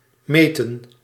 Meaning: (verb) 1. to measure 2. to measure up; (noun) plural of meet
- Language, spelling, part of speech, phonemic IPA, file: Dutch, meten, verb / noun, /ˈmeːtə(n)/, Nl-meten.ogg